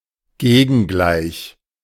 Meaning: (adjective) 1. diametrically opposed, the mirror image to something else 2. travelling at the same speed in the opposite direction to something else
- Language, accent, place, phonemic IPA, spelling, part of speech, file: German, Germany, Berlin, /ˈɡeːɡənɡlaɪ̯ç/, gegengleich, adjective / adverb, De-gegengleich.ogg